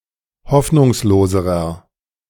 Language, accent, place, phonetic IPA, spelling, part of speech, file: German, Germany, Berlin, [ˈhɔfnʊŋsloːzəʁɐ], hoffnungsloserer, adjective, De-hoffnungsloserer.ogg
- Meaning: inflection of hoffnungslos: 1. strong/mixed nominative masculine singular comparative degree 2. strong genitive/dative feminine singular comparative degree 3. strong genitive plural comparative degree